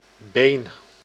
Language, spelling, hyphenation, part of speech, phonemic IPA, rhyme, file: Dutch, been, been, noun / verb, /beːn/, -eːn, Nl-been.ogg
- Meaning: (noun) 1. leg, limb of a person, horse (other animals would have poten) and certain objects (again many have poten) 2. side, leg 3. the upper part of a sock, above the ankle